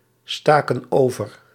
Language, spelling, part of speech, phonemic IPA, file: Dutch, staken over, verb, /ˈstakə(n) ˈovər/, Nl-staken over.ogg
- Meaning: inflection of oversteken: 1. plural past indicative 2. plural past subjunctive